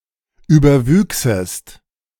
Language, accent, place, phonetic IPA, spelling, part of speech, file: German, Germany, Berlin, [ˌyːbɐˈvyːksəst], überwüchsest, verb, De-überwüchsest.ogg
- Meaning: second-person singular subjunctive II of überwachsen